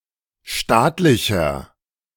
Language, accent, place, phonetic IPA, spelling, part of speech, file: German, Germany, Berlin, [ˈʃtaːtlɪçɐ], staatlicher, adjective, De-staatlicher.ogg
- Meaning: inflection of staatlich: 1. strong/mixed nominative masculine singular 2. strong genitive/dative feminine singular 3. strong genitive plural